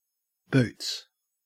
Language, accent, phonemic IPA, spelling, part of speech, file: English, Australia, /bʉːts/, boots, noun / adverb / verb, En-au-boots.ogg
- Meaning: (noun) 1. plural of boot 2. A condom 3. A servant at a hotel etc. who cleans and blacks the boots and shoes 4. The ship in a fleet having the most junior captain